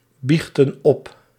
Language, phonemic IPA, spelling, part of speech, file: Dutch, /ˈbixtə(n) ˈɔp/, biechtten op, verb, Nl-biechtten op.ogg
- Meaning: inflection of opbiechten: 1. plural past indicative 2. plural past subjunctive